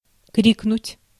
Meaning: 1. to cry out, to shout (at) (semelfactive) 2. to scream
- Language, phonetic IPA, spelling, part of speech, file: Russian, [ˈkrʲiknʊtʲ], крикнуть, verb, Ru-крикнуть.ogg